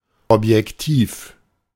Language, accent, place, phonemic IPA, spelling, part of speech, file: German, Germany, Berlin, /ˌɔpjɛkˈtiːf/, Objektiv, noun, De-Objektiv.ogg
- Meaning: lens